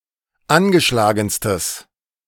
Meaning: strong/mixed nominative/accusative neuter singular superlative degree of angeschlagen
- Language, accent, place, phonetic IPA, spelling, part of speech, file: German, Germany, Berlin, [ˈanɡəˌʃlaːɡn̩stəs], angeschlagenstes, adjective, De-angeschlagenstes.ogg